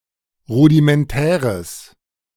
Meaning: strong/mixed nominative/accusative neuter singular of rudimentär
- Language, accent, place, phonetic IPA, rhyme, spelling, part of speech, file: German, Germany, Berlin, [ˌʁudimɛnˈtɛːʁəs], -ɛːʁəs, rudimentäres, adjective, De-rudimentäres.ogg